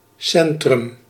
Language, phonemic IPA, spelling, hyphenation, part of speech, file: Dutch, /ˈsɛn.trʏm/, centrum, cen‧trum, noun, Nl-centrum.ogg
- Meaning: 1. the centre, middle of focal part (e.g. of activity) 2. centre (UK) 3. a centre, centralised facility; also, gathering place 4. city centre, town centre